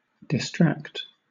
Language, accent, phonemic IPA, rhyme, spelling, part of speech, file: English, Southern England, /dɪˈstɹækt/, -ækt, distract, verb / adjective, LL-Q1860 (eng)-distract.wav
- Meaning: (verb) 1. To divert the attention of 2. To divert (attention) 3. To make crazy or insane; to drive to distraction; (adjective) 1. Drawn asunder; separated 2. Insane, mad